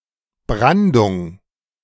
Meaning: surf, breakers (Waves that break.)
- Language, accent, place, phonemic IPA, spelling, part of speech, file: German, Germany, Berlin, /ˈbʁandʊŋ/, Brandung, noun, De-Brandung.ogg